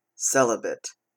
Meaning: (adjective) 1. Not married 2. Abstaining from sexual relations and pleasures
- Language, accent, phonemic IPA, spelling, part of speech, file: English, US, /ˈsɛləbət/, celibate, adjective / noun / verb, En-ca-celibate.oga